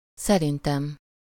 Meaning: first-person singular of szerinte
- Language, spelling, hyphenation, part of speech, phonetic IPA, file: Hungarian, szerintem, sze‧rin‧tem, pronoun, [ˈsɛrintɛm], Hu-szerintem.ogg